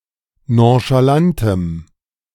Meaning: strong dative masculine/neuter singular of nonchalant
- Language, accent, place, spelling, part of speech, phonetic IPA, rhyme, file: German, Germany, Berlin, nonchalantem, adjective, [ˌnõʃaˈlantəm], -antəm, De-nonchalantem.ogg